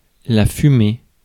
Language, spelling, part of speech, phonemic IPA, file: French, fumée, adjective / verb / noun, /fy.me/, Fr-fumée.ogg
- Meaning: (adjective) feminine singular of fumé; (noun) 1. smoke 2. steam 3. spoor (of game animals)